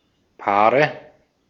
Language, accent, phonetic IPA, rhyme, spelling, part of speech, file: German, Austria, [ˈpaːʁə], -aːʁə, Paare, noun, De-at-Paare.ogg
- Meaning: nominative/accusative/genitive plural of Paar